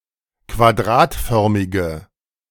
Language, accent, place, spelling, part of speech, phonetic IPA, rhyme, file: German, Germany, Berlin, quadratförmige, adjective, [kvaˈdʁaːtˌfœʁmɪɡə], -aːtfœʁmɪɡə, De-quadratförmige.ogg
- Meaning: inflection of quadratförmig: 1. strong/mixed nominative/accusative feminine singular 2. strong nominative/accusative plural 3. weak nominative all-gender singular